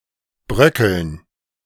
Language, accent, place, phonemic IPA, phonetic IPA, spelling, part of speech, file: German, Germany, Berlin, /ˈbʁœkəln/, [ˈbʁœkl̩n], bröckeln, verb, De-bröckeln.ogg
- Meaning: 1. to (start to) crumble 2. to (start to) crumble: to crumble, to weaken, to show cracks 3. to crumble (to break something to crumbs, especially making them fall somewhere specific)